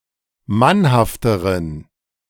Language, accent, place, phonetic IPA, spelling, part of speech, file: German, Germany, Berlin, [ˈmanhaftəʁən], mannhafteren, adjective, De-mannhafteren.ogg
- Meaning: inflection of mannhaft: 1. strong genitive masculine/neuter singular comparative degree 2. weak/mixed genitive/dative all-gender singular comparative degree